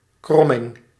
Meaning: 1. curvature 2. curve
- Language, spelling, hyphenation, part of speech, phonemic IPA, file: Dutch, kromming, krom‧ming, noun, /ˈkrɔ.mɪŋ/, Nl-kromming.ogg